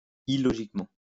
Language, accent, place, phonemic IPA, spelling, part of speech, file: French, France, Lyon, /i.lɔ.ʒik.mɑ̃/, illogiquement, adverb, LL-Q150 (fra)-illogiquement.wav
- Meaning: illogically